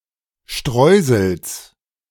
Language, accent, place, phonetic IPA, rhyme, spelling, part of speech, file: German, Germany, Berlin, [ˈʃtʁɔɪ̯zl̩s], -ɔɪ̯zl̩s, Streusels, noun, De-Streusels.ogg
- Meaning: genitive singular of Streusel